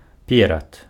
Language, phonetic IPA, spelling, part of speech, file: Belarusian, [ˈpʲerat], перад, preposition / noun, Be-перад.ogg
- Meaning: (preposition) 1. right/immediately before 2. in front of; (noun) front, front part